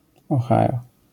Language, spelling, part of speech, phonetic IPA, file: Polish, Ohio, proper noun, [ɔˈxajɔ], LL-Q809 (pol)-Ohio.wav